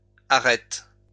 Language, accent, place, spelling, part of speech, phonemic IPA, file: French, France, Lyon, arêtes, noun, /a.ʁɛt/, LL-Q150 (fra)-arêtes.wav
- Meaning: plural of arête